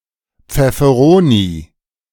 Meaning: chili pepper
- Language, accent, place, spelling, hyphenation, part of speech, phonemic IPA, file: German, Germany, Berlin, Pfefferoni, Pfef‧fe‧ro‧ni, noun, /p͡fɛfəˈʁoːni/, De-Pfefferoni.ogg